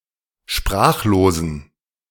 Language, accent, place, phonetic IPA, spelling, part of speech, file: German, Germany, Berlin, [ˈʃpʁaːxloːzn̩], sprachlosen, adjective, De-sprachlosen.ogg
- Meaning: inflection of sprachlos: 1. strong genitive masculine/neuter singular 2. weak/mixed genitive/dative all-gender singular 3. strong/weak/mixed accusative masculine singular 4. strong dative plural